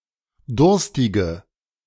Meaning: inflection of durstig: 1. strong/mixed nominative/accusative feminine singular 2. strong nominative/accusative plural 3. weak nominative all-gender singular 4. weak accusative feminine/neuter singular
- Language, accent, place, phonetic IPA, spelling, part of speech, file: German, Germany, Berlin, [ˈdʊʁstɪɡə], durstige, adjective, De-durstige.ogg